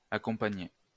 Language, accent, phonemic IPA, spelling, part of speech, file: French, France, /a.kɔ̃.pa.ɲe/, accompagné, verb, LL-Q150 (fra)-accompagné.wav
- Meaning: past participle of accompagner